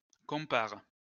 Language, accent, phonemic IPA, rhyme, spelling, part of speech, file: French, France, /kɔ̃.paʁ/, -aʁ, compare, verb, LL-Q150 (fra)-compare.wav
- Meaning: inflection of comparer: 1. first/third-person singular present indicative/subjunctive 2. second-person singular imperative